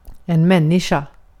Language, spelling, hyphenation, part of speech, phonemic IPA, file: Swedish, människa, män‧ni‧ska, noun, /mɛnːɪɧa/, Sv-människa.ogg
- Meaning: 1. a human, a human being 2. a human, a human being: a person, (in the plural, in tone) people 3. a human, a human being: mankind 4. man, mankind, humankind